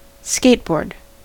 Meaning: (noun) A narrow, wooden or plastic platform mounted on pairs of wheels, on which one stands and propels oneself by pushing along the ground with one foot
- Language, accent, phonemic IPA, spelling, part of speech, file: English, US, /ˈskeɪt.bɔɹd/, skateboard, noun / verb, En-us-skateboard.ogg